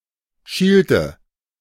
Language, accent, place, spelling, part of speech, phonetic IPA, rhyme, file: German, Germany, Berlin, schielte, verb, [ˈʃiːltə], -iːltə, De-schielte.ogg
- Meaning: inflection of schielen: 1. first/third-person singular preterite 2. first/third-person singular subjunctive II